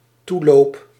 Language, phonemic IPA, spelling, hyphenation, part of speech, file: Dutch, /ˈtu.loːp/, toeloop, toe‧loop, noun / verb, Nl-toeloop.ogg
- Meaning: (noun) a congregation, a crowd of people headed towards a single destination; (verb) first-person singular dependent-clause present indicative of toelopen